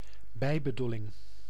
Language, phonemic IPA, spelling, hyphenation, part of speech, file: Dutch, /ˈbɛi̯.bəˌdu.lɪŋ/, bijbedoeling, bij‧be‧doe‧ling, noun, Nl-bijbedoeling.ogg
- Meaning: ulterior motive, hidden intention